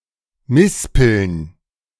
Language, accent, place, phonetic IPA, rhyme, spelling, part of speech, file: German, Germany, Berlin, [ˈmɪspl̩n], -ɪspl̩n, Mispeln, noun, De-Mispeln.ogg
- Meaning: plural of Mispel